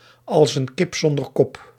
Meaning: like a chicken with its head cut off
- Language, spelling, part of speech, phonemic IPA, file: Dutch, als een kip zonder kop, prepositional phrase, /ɑls ən ˈkɪp sɔn.dər ˈkɔp/, Nl-als een kip zonder kop.ogg